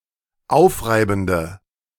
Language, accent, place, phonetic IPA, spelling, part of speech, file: German, Germany, Berlin, [ˈaʊ̯fˌʁaɪ̯bn̩də], aufreibende, adjective, De-aufreibende.ogg
- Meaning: inflection of aufreibend: 1. strong/mixed nominative/accusative feminine singular 2. strong nominative/accusative plural 3. weak nominative all-gender singular